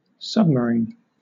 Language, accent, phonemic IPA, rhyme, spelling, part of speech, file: English, Southern England, /sʌb.məˈɹiːn/, -iːn, submarine, adjective / noun / verb, LL-Q1860 (eng)-submarine.wav
- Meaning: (adjective) 1. Being, relating to, or made for use underwater, especially beneath the sea 2. Hidden or undisclosed 3. Of a pitch, thrown with the hand lower than the elbow